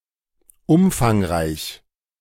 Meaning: 1. extensive, wide 2. considerable 3. comprehensive, enormous, large, substantial 4. heavyset
- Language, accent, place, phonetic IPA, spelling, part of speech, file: German, Germany, Berlin, [ˈʊmfaŋˌʁaɪ̯ç], umfangreich, adjective, De-umfangreich.ogg